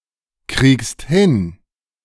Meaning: second-person singular present of hinkriegen
- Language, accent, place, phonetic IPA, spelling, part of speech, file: German, Germany, Berlin, [ˌkʁiːkst ˈhɪn], kriegst hin, verb, De-kriegst hin.ogg